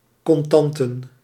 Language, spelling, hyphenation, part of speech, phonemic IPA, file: Dutch, contanten, con‧tan‧ten, noun, /ˌkɔnˈtɑn.tə(n)/, Nl-contanten.ogg
- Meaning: cash